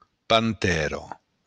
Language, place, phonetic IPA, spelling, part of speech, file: Occitan, Béarn, [panˈtɛɾo], pantèra, noun, LL-Q14185 (oci)-pantèra.wav
- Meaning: panther